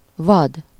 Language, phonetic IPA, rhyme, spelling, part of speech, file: Hungarian, [ˈvɒd], -ɒd, vad, adjective / noun, Hu-vad.ogg
- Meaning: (adjective) 1. wild, untamed 2. uncontrolled, unregulated; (noun) game (wild animal)